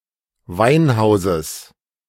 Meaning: genitive of Weinhaus
- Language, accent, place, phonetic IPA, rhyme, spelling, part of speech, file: German, Germany, Berlin, [ˈvaɪ̯nˌhaʊ̯zəs], -aɪ̯nhaʊ̯zəs, Weinhauses, noun, De-Weinhauses.ogg